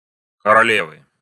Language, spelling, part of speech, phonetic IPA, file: Russian, королевы, noun, [kərɐˈlʲevɨ], Ru-королевы.ogg
- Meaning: inflection of короле́ва (koroléva): 1. genitive singular 2. nominative plural